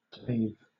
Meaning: simple past and past participle of cleave
- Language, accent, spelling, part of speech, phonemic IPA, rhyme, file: English, Southern England, clave, verb, /kleɪv/, -eɪv, LL-Q1860 (eng)-clave.wav